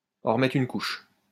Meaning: to bring something up once more; to go one step further; to overdo it, to lay it on thick; to add insult to injury, to make things even worse
- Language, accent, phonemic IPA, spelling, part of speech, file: French, France, /ɑ̃ ʁ(ə).mɛtʁ yn kuʃ/, en remettre une couche, verb, LL-Q150 (fra)-en remettre une couche.wav